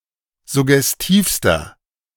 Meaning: inflection of suggestiv: 1. strong/mixed nominative masculine singular superlative degree 2. strong genitive/dative feminine singular superlative degree 3. strong genitive plural superlative degree
- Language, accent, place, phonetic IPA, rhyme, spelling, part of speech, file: German, Germany, Berlin, [zʊɡɛsˈtiːfstɐ], -iːfstɐ, suggestivster, adjective, De-suggestivster.ogg